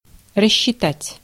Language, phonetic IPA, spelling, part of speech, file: Russian, [rəɕːɪˈtatʲ], рассчитать, verb, Ru-рассчитать.ogg
- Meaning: 1. to calculate, to compute 2. to dismiss, to pay off; to sack; to discharge, to fire 3. to number off, to order to number